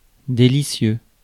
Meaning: 1. delicious 2. delightful
- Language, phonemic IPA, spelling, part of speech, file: French, /de.li.sjø/, délicieux, adjective, Fr-délicieux.ogg